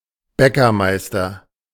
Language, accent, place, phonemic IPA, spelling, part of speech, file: German, Germany, Berlin, /ˈbɛkɐˌmaɪ̯stɐ/, Bäckermeister, noun, De-Bäckermeister.ogg
- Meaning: master baker